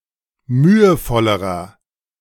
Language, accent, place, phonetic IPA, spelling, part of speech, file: German, Germany, Berlin, [ˈmyːəˌfɔləʁɐ], mühevollerer, adjective, De-mühevollerer.ogg
- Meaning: inflection of mühevoll: 1. strong/mixed nominative masculine singular comparative degree 2. strong genitive/dative feminine singular comparative degree 3. strong genitive plural comparative degree